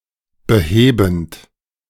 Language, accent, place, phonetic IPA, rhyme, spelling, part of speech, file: German, Germany, Berlin, [bəˈheːbn̩t], -eːbn̩t, behebend, verb, De-behebend.ogg
- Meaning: present participle of beheben